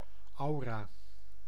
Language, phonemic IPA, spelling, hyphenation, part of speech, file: Dutch, /ˈɑu̯.raː/, aura, au‧ra, noun, Nl-aura.ogg
- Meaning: aura